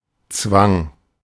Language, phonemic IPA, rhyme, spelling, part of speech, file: German, /t͡svaŋ/, -aŋ, Zwang, noun, De-Zwang.oga
- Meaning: compulsion, obligation, duress